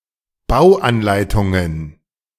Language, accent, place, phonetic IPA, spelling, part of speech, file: German, Germany, Berlin, [ˈbaʊ̯ʔanˌlaɪ̯tʊŋən], Bauanleitungen, noun, De-Bauanleitungen.ogg
- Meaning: plural of Bauanleitung